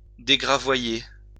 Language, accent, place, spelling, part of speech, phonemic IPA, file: French, France, Lyon, dégravoyer, verb, /de.ɡʁa.vwa.je/, LL-Q150 (fra)-dégravoyer.wav
- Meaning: to bare, to lay bare